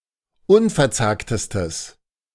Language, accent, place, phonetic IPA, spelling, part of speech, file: German, Germany, Berlin, [ˈʊnfɛɐ̯ˌt͡saːktəstəs], unverzagtestes, adjective, De-unverzagtestes.ogg
- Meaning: strong/mixed nominative/accusative neuter singular superlative degree of unverzagt